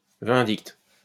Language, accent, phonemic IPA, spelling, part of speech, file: French, France, /vɛ̃.dikt/, vindicte, noun, LL-Q150 (fra)-vindicte.wav
- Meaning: 1. condemnation 2. retribution